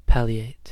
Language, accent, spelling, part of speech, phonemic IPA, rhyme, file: English, US, palliate, verb / adjective, /ˈpælieɪt/, -ælieɪt, En-us-palliate.ogg
- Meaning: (verb) 1. To relieve the symptoms of; to ameliorate 2. To hide or disguise 3. To cover or disguise the seriousness of (a mistake, offence etc.) by excuses and apologies